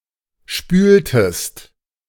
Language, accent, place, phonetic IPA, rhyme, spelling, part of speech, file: German, Germany, Berlin, [ˈʃpyːltəst], -yːltəst, spültest, verb, De-spültest.ogg
- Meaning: inflection of spülen: 1. second-person singular preterite 2. second-person singular subjunctive II